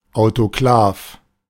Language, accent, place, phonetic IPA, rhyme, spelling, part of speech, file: German, Germany, Berlin, [aʊ̯toˈklaːf], -aːf, Autoklav, noun, De-Autoklav.ogg
- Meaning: autoclave